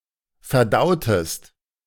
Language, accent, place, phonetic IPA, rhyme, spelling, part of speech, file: German, Germany, Berlin, [fɛɐ̯ˈdaʊ̯təst], -aʊ̯təst, verdautest, verb, De-verdautest.ogg
- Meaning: inflection of verdauen: 1. second-person singular preterite 2. second-person singular subjunctive II